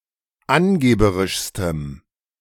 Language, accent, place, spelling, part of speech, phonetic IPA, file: German, Germany, Berlin, angeberischstem, adjective, [ˈanˌɡeːbəʁɪʃstəm], De-angeberischstem.ogg
- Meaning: strong dative masculine/neuter singular superlative degree of angeberisch